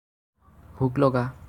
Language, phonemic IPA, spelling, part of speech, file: Assamese, /bʱʊk lɔ.ɡɑ/, ভোক লগা, verb, As-ভোক লগা.ogg
- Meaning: to be hungry